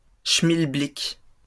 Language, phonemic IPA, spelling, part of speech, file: French, /ʃmil.blik/, schmilblick, noun, LL-Q150 (fra)-schmilblick.wav
- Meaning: thingummy, thingamajig